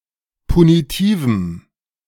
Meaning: strong dative masculine/neuter singular of punitiv
- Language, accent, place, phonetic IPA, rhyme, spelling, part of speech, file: German, Germany, Berlin, [puniˈtiːvm̩], -iːvm̩, punitivem, adjective, De-punitivem.ogg